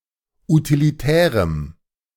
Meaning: strong dative masculine/neuter singular of utilitär
- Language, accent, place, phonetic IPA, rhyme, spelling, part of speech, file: German, Germany, Berlin, [utiliˈtɛːʁəm], -ɛːʁəm, utilitärem, adjective, De-utilitärem.ogg